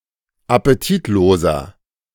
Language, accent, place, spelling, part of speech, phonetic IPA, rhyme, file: German, Germany, Berlin, appetitloser, adjective, [apeˈtiːtˌloːzɐ], -iːtloːzɐ, De-appetitloser.ogg
- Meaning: 1. comparative degree of appetitlos 2. inflection of appetitlos: strong/mixed nominative masculine singular 3. inflection of appetitlos: strong genitive/dative feminine singular